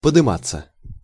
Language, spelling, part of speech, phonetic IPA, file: Russian, подыматься, verb, [pədɨˈmat͡sːə], Ru-подыматься.ogg
- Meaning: 1. to rise 2. passive of подыма́ть (podymátʹ)